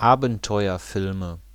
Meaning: nominative/accusative/genitive plural of Abenteuerfilm
- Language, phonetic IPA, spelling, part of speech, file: German, [ˈaːbn̩tɔɪ̯ɐˌfɪlmə], Abenteuerfilme, noun, De-Abenteuerfilme.ogg